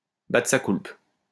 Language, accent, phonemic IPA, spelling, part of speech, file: French, France, /ba.tʁə sa kulp/, battre sa coulpe, verb, LL-Q150 (fra)-battre sa coulpe.wav
- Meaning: to beat one's breast, to admit one's guilt, to acknowledge one's faults and wrongs, to make one's mea culpa